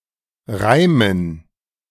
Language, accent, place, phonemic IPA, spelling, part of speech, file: German, Germany, Berlin, /ˈʁaɪ̯mən/, reimen, verb, De-reimen.ogg
- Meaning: to rhyme